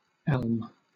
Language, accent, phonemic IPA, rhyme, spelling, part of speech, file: English, Southern England, /ɛlm/, -ɛlm, elm, noun, LL-Q1860 (eng)-elm.wav
- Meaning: 1. A tree of the genus Ulmus of the family Ulmaceae, large deciduous trees with alternate stipulate leaves and small apetalous flowers 2. Wood from an elm tree